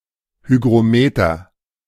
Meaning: hygrometer
- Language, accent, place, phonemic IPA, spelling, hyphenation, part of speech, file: German, Germany, Berlin, /ˌhyɡʁoˈmeːtɐ/, Hygrometer, Hy‧g‧ro‧me‧ter, noun, De-Hygrometer.ogg